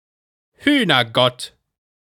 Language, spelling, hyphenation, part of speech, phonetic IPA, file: German, Hühnergott, Hüh‧ner‧gott, noun, [ˈhyːnɐˌɡɔt], De-Hühnergott.ogg